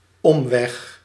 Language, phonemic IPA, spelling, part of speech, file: Dutch, /ˈɔmʋɛx/, omweg, noun, Nl-omweg.ogg
- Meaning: detour (route that is longer than necessary)